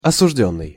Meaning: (verb) past passive perfective participle of осуди́ть (osudítʹ); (noun) 1. condemned man 2. convicted man
- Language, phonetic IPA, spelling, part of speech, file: Russian, [ɐsʊʐˈdʲɵnːɨj], осуждённый, verb / noun, Ru-осуждённый.ogg